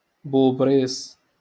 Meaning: lizard
- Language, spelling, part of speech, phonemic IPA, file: Moroccan Arabic, بوبريص, noun, /buːb.riːsˤ/, LL-Q56426 (ary)-بوبريص.wav